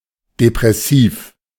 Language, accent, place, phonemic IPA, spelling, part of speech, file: German, Germany, Berlin, /depʁɛˈsiːf/, depressiv, adjective, De-depressiv.ogg
- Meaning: depressive